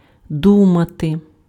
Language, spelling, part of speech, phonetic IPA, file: Ukrainian, думати, verb, [ˈdumɐte], Uk-думати.ogg
- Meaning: 1. to think 2. to assume 3. to suspect 4. to intend 5. to hope 6. to worry